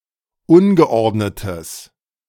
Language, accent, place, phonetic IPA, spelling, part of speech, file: German, Germany, Berlin, [ˈʊnɡəˌʔɔʁdnətəs], ungeordnetes, adjective, De-ungeordnetes.ogg
- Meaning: strong/mixed nominative/accusative neuter singular of ungeordnet